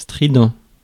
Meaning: strident; producing a high-pitched or piercing sound
- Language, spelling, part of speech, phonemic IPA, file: French, strident, adjective, /stʁi.dɑ̃/, Fr-strident.ogg